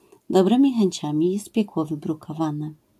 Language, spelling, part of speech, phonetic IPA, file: Polish, dobrymi chęciami jest piekło wybrukowane, proverb, [dɔˈbrɨ̃mʲi xɛ̃ɲˈt͡ɕãmʲi ˈjɛst ˈpʲjɛkwɔ ˌvɨbrukɔˈvãnɛ], LL-Q809 (pol)-dobrymi chęciami jest piekło wybrukowane.wav